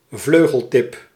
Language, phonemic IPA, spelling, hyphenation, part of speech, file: Dutch, /ˈvløː.ɣəlˌtɪp/, vleugeltip, vleu‧gel‧tip, noun, Nl-vleugeltip.ogg
- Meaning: wing tip (extremity of an animal's or aeroplane's wing)